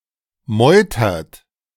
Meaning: inflection of meutern: 1. third-person singular present 2. second-person plural present 3. plural imperative
- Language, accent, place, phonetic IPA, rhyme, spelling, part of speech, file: German, Germany, Berlin, [ˈmɔɪ̯tɐt], -ɔɪ̯tɐt, meutert, verb, De-meutert.ogg